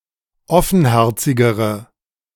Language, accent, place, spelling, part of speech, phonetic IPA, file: German, Germany, Berlin, offenherzigere, adjective, [ˈɔfn̩ˌhɛʁt͡sɪɡəʁə], De-offenherzigere.ogg
- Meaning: inflection of offenherzig: 1. strong/mixed nominative/accusative feminine singular comparative degree 2. strong nominative/accusative plural comparative degree